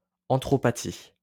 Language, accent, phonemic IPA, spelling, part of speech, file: French, France, /aʁ.tʁɔ.pa.ti/, arthropathie, noun, LL-Q150 (fra)-arthropathie.wav
- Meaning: arthropathy